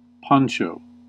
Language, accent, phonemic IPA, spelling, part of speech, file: English, US, /ˈpɑn.t͡ʃoʊ/, poncho, noun, En-us-poncho.ogg
- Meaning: 1. A simple garment, made from a rectangle of cloth, with a slit in the middle for the head 2. A similar waterproof garment, today typically of rubber with a hood